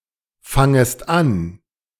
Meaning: second-person singular subjunctive I of anfangen
- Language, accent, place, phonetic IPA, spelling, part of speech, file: German, Germany, Berlin, [ˌfaŋəst ˈan], fangest an, verb, De-fangest an.ogg